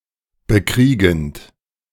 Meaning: present participle of bekriegen
- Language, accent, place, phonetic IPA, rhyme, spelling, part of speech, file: German, Germany, Berlin, [bəˈkʁiːɡn̩t], -iːɡn̩t, bekriegend, verb, De-bekriegend.ogg